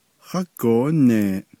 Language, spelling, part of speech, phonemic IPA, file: Navajo, hágoóneeʼ, interjection, /hɑ́kǒːnèːʔ/, Nv-hágoóneeʼ.ogg
- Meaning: goodbye, farewell